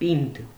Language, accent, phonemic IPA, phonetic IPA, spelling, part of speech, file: Armenian, Eastern Armenian, /pind/, [pind], պինդ, adjective, Hy-պինդ.ogg
- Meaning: durable, strong, solid